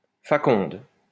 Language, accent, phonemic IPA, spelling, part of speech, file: French, France, /fa.kɔ̃d/, faconde, noun, LL-Q150 (fra)-faconde.wav
- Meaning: eloquence, gift of the gab